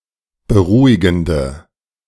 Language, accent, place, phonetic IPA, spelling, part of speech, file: German, Germany, Berlin, [bəˈʁuːɪɡn̩də], beruhigende, adjective, De-beruhigende.ogg
- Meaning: inflection of beruhigend: 1. strong/mixed nominative/accusative feminine singular 2. strong nominative/accusative plural 3. weak nominative all-gender singular